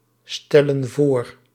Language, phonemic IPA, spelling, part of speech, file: Dutch, /ˈstɛlə(n) ˈvor/, stellen voor, verb, Nl-stellen voor.ogg
- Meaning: inflection of voorstellen: 1. plural present indicative 2. plural present subjunctive